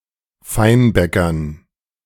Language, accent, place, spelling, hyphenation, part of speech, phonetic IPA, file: German, Germany, Berlin, Feinbäckern, Fein‧bä‧ckern, noun, [ˈfaɪ̯nˌbɛkɐn], De-Feinbäckern.ogg
- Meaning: dative plural of Feinbäcker